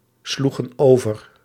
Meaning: inflection of overslaan: 1. plural past indicative 2. plural past subjunctive
- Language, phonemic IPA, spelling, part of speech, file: Dutch, /ˈsluɣə(n) ˈovər/, sloegen over, verb, Nl-sloegen over.ogg